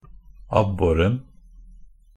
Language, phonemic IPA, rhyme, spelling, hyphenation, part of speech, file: Norwegian Bokmål, /ˈabːɔrn̩/, -ɔrn̩, abboren, ab‧bo‧ren, noun, NB - Pronunciation of Norwegian Bokmål «abboren».ogg
- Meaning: definite singular of abbor